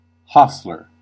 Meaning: 1. A worker employed at an inn, hostelry, or stable to look after horses 2. A railway worker employed to care for a locomotive or other large engine; especially, a yard jockey
- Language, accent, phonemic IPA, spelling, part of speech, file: English, US, /ˈ(h)ɑs.lɚ/, hostler, noun, En-us-hostler.ogg